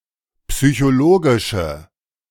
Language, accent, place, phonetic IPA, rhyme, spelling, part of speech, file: German, Germany, Berlin, [psyçoˈloːɡɪʃə], -oːɡɪʃə, psychologische, adjective, De-psychologische.ogg
- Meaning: inflection of psychologisch: 1. strong/mixed nominative/accusative feminine singular 2. strong nominative/accusative plural 3. weak nominative all-gender singular